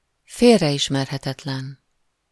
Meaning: unmistakable (unique, such that it cannot be mistaken for something else)
- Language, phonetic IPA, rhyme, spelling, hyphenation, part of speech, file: Hungarian, [ˈfeːrːɛjiʃmɛrɦɛtɛtlɛn], -ɛn, félreismerhetetlen, fél‧re‧is‧mer‧he‧tet‧len, adjective, Hu-félreismerhetetlen.ogg